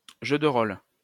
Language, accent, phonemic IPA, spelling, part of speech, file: French, France, /ʒø d(ə) ʁol/, jeu de rôle, noun, LL-Q150 (fra)-jeu de rôle.wav
- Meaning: role-playing game (type of game in which the players assume the role of a character)